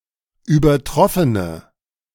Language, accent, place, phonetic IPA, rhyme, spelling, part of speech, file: German, Germany, Berlin, [yːbɐˈtʁɔfənə], -ɔfənə, übertroffene, adjective, De-übertroffene.ogg
- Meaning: inflection of übertroffen: 1. strong/mixed nominative/accusative feminine singular 2. strong nominative/accusative plural 3. weak nominative all-gender singular